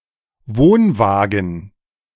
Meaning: caravan (UK), trailer (US)
- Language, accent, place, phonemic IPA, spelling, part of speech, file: German, Germany, Berlin, /ˈvoːnˌvaːɡən/, Wohnwagen, noun, De-Wohnwagen.ogg